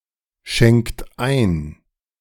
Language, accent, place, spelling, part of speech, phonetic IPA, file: German, Germany, Berlin, schenkt ein, verb, [ˌʃɛŋkt ˈaɪ̯n], De-schenkt ein.ogg
- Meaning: inflection of einschenken: 1. third-person singular present 2. second-person plural present 3. plural imperative